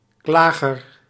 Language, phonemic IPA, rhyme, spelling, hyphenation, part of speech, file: Dutch, /ˈklaː.ɣər/, -aːɣər, klager, kla‧ger, noun, Nl-klager.ogg
- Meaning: 1. complainant, one making a complaint 2. plaintiff, accuser